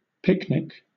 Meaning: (noun) 1. An informal social gathering, usually in a natural outdoor setting, to which the participants bring their own food and drink 2. The meal eaten at such a gathering 3. An easy or pleasant task
- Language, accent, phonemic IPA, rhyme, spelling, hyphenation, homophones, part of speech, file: English, Southern England, /ˈpɪknɪk/, -ɪknɪk, picnic, pic‧nic, pyknic, noun / verb, LL-Q1860 (eng)-picnic.wav